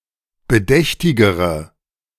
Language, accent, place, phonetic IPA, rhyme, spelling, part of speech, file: German, Germany, Berlin, [bəˈdɛçtɪɡəʁə], -ɛçtɪɡəʁə, bedächtigere, adjective, De-bedächtigere.ogg
- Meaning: inflection of bedächtig: 1. strong/mixed nominative/accusative feminine singular comparative degree 2. strong nominative/accusative plural comparative degree